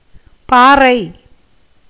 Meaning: 1. stone, rock 2. crag, ledge 3. hillock, bank
- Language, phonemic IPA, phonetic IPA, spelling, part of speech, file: Tamil, /pɑːrɐɪ̯/, [päːrɐɪ̯], பாறை, noun, Ta-பாறை.ogg